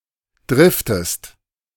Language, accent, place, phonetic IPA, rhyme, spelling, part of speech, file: German, Germany, Berlin, [ˈdʁɪftəst], -ɪftəst, driftest, verb, De-driftest.ogg
- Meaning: inflection of driften: 1. second-person singular present 2. second-person singular subjunctive I